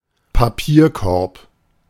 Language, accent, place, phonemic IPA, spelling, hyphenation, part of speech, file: German, Germany, Berlin, /paˈpiːɐ̯ˌkɔʁp/, Papierkorb, Pa‧pier‧korb, noun, De-Papierkorb.ogg
- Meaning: 1. wastepaper basket, wastebasket (small indoors container for dry rubbish, i.e. chiefly old newspapers or writing paper) 2. trash, recycle bin (on a desktop)